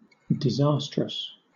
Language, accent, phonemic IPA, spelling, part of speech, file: English, Southern England, /dɪˈzɑː.stɹəs/, disastrous, adjective, LL-Q1860 (eng)-disastrous.wav
- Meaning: 1. Of the nature of a disaster; calamitous 2. Foreboding disaster; ill-omened